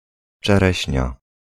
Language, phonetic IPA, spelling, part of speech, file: Polish, [t͡ʃɛˈrɛɕɲa], czereśnia, noun, Pl-czereśnia.ogg